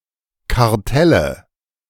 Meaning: nominative/accusative/genitive plural of Kartell
- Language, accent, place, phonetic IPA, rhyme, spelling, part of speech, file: German, Germany, Berlin, [kaʁˈtɛlə], -ɛlə, Kartelle, noun, De-Kartelle.ogg